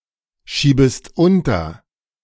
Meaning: second-person singular subjunctive I of unterschieben
- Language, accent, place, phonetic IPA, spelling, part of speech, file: German, Germany, Berlin, [ˌʃiːbəst ˈʊntɐ], schiebest unter, verb, De-schiebest unter.ogg